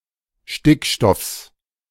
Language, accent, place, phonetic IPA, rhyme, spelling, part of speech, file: German, Germany, Berlin, [ˈʃtɪkˌʃtɔfs], -ɪkʃtɔfs, Stickstoffs, noun, De-Stickstoffs.ogg
- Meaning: genitive singular of Stickstoff